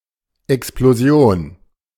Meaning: explosion
- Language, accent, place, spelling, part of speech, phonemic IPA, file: German, Germany, Berlin, Explosion, noun, /ɛks.ploˈzjoːn/, De-Explosion.ogg